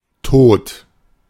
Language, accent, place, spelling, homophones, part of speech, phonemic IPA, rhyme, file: German, Germany, Berlin, Tod, tot, noun, /toːt/, -oːt, De-Tod.ogg
- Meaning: death